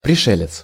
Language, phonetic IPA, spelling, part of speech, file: Russian, [prʲɪˈʂɛlʲɪt͡s], пришелец, noun, Ru-пришелец.ogg
- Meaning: 1. newcomer, stranger 2. space alien, extraterrestrial